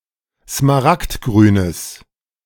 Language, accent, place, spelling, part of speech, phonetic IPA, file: German, Germany, Berlin, smaragdgrünes, adjective, [smaˈʁaktˌɡʁyːnəs], De-smaragdgrünes.ogg
- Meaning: strong/mixed nominative/accusative neuter singular of smaragdgrün